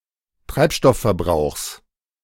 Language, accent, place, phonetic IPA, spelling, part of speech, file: German, Germany, Berlin, [ˈtʁaɪ̯pˌʃtɔffɛɐ̯ˌbʁaʊ̯xs], Treibstoffverbrauchs, noun, De-Treibstoffverbrauchs.ogg
- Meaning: genitive singular of Treibstoffverbrauch